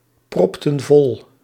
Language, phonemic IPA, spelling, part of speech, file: Dutch, /ˈprɔptə(n) ˈvɔl/, propten vol, verb, Nl-propten vol.ogg
- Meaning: inflection of volproppen: 1. plural past indicative 2. plural past subjunctive